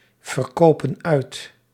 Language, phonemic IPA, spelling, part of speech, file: Dutch, /vərˈkoːpə(n)ˈœy̯t/, verkopen uit, verb, Nl-verkopen uit.ogg
- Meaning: inflection of uitverkopen: 1. plural present indicative 2. plural present subjunctive